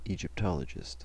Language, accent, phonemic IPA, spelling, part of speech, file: English, US, /ˌid͡ʒɪpˈtɑləd͡ʒɪst/, Egyptologist, noun, En-us-Egyptologist.ogg
- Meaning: A person; one who is skilled in or professes or practices Egyptology